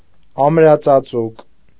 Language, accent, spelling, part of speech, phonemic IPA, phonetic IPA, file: Armenian, Eastern Armenian, ամրածածուկ, adjective, /ɑmɾɑt͡sɑˈt͡suk/, [ɑmɾɑt͡sɑt͡súk], Hy-ամրածածուկ.ogg
- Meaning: well-covered, well-protected